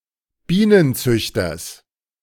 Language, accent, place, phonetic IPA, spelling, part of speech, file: German, Germany, Berlin, [ˈbiːnənˌt͡sʏçtɐs], Bienenzüchters, noun, De-Bienenzüchters.ogg
- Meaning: genitive singular of Bienenzüchter